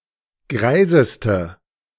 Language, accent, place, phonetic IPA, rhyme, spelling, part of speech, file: German, Germany, Berlin, [ˈɡʁaɪ̯zəstə], -aɪ̯zəstə, greiseste, adjective, De-greiseste.ogg
- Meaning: inflection of greis: 1. strong/mixed nominative/accusative feminine singular superlative degree 2. strong nominative/accusative plural superlative degree